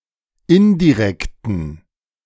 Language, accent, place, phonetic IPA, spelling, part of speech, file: German, Germany, Berlin, [ˈɪndiˌʁɛktn̩], indirekten, adjective, De-indirekten.ogg
- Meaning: inflection of indirekt: 1. strong genitive masculine/neuter singular 2. weak/mixed genitive/dative all-gender singular 3. strong/weak/mixed accusative masculine singular 4. strong dative plural